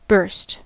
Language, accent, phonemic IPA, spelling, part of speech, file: English, US, /bɝst/, burst, verb / noun, En-us-burst.ogg
- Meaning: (verb) 1. To break from internal pressure 2. To cause to break from internal pressure 3. To cause to break by any means 4. To separate (printer paper) at perforation lines